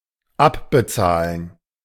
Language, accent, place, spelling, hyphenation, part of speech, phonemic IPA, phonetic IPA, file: German, Germany, Berlin, abbezahlen, ab‧be‧zah‧len, verb, /ˈapbəˌtsaːlən/, [ˈʔapbəˌtsaːln̩], De-abbezahlen.ogg
- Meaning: to pay off (e.g., a debt, a loan, etc.)